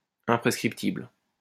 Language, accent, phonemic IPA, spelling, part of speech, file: French, France, /ɛ̃.pʁɛs.kʁip.tibl/, imprescriptible, adjective, LL-Q150 (fra)-imprescriptible.wav
- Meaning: imprescriptible, not subject to a statute of limitations, not time-barred